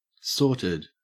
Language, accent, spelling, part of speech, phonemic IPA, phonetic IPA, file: English, Australia, sorted, verb / adjective / interjection, /ˈsoːtəd/, [ˈsoːɾəd], En-au-sorted.ogg
- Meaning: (verb) simple past and past participle of sort; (adjective) 1. Put into some order by sorting 2. In good order, under control 3. In possession of a sufficient supply, especially of narcotics